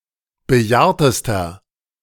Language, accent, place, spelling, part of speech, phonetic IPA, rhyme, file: German, Germany, Berlin, bejahrtester, adjective, [bəˈjaːɐ̯təstɐ], -aːɐ̯təstɐ, De-bejahrtester.ogg
- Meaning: inflection of bejahrt: 1. strong/mixed nominative masculine singular superlative degree 2. strong genitive/dative feminine singular superlative degree 3. strong genitive plural superlative degree